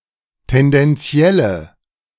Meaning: inflection of tendenziell: 1. strong/mixed nominative/accusative feminine singular 2. strong nominative/accusative plural 3. weak nominative all-gender singular
- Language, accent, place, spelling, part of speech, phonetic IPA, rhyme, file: German, Germany, Berlin, tendenzielle, adjective, [tɛndɛnˈt͡si̯ɛlə], -ɛlə, De-tendenzielle.ogg